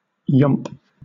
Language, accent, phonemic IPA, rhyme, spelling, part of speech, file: English, Southern England, /jɒmp/, -ɒmp, yomp, noun / verb, LL-Q1860 (eng)-yomp.wav
- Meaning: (noun) A long-distance march carrying full kit; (verb) To make a strenuous long-distance march